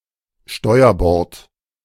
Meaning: starboardside
- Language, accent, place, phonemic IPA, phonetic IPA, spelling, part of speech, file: German, Germany, Berlin, /ˈʃtɔɪ̯əʁbɔʁt/, [ˈʃtɔɪ̯ɐbɔʁtʰ], steuerbord, adverb, De-steuerbord.ogg